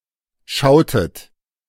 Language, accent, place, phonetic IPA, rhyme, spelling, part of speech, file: German, Germany, Berlin, [ˈʃaʊ̯tət], -aʊ̯tət, schautet, verb, De-schautet.ogg
- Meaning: inflection of schauen: 1. second-person plural preterite 2. second-person plural subjunctive II